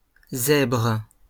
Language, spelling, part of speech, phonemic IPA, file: French, zèbres, noun / verb, /zɛbʁ/, LL-Q150 (fra)-zèbres.wav
- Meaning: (noun) plural of zèbre; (verb) second-person singular present indicative/subjunctive of zébrer